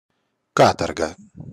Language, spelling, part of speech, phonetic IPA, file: Russian, каторга, noun, [ˈkatərɡə], Каторга (online-audio-converter.com).ogg
- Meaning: 1. penal servitude, hard labour 2. misery, hard life